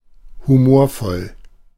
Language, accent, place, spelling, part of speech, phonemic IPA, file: German, Germany, Berlin, humorvoll, adjective, /huˈmoːɐ̯ˌfɔl/, De-humorvoll.ogg
- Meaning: humorous